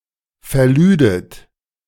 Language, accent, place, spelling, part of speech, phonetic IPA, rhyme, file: German, Germany, Berlin, verlüdet, verb, [fɛɐ̯ˈlyːdət], -yːdət, De-verlüdet.ogg
- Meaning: second-person plural subjunctive II of verladen